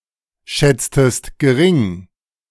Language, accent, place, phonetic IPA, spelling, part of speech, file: German, Germany, Berlin, [ˌʃɛt͡stəst ɡəˈʁɪŋ], schätztest gering, verb, De-schätztest gering.ogg
- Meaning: inflection of geringschätzen: 1. second-person singular preterite 2. second-person singular subjunctive II